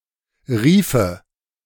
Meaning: groove (narrow channel; often one of several parallel ones)
- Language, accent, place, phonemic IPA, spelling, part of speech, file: German, Germany, Berlin, /ˈʁiːfə/, Riefe, noun, De-Riefe.ogg